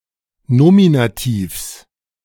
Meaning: genitive singular of Nominativ
- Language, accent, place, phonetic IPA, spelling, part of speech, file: German, Germany, Berlin, [ˈnoːminaˌtiːfs], Nominativs, noun, De-Nominativs.ogg